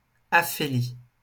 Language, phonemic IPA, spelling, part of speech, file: French, /a.fe.li/, aphélie, noun, LL-Q150 (fra)-aphélie.wav
- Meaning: aphelion (the point in the elliptical orbit of a planet where it is farthest from the sun)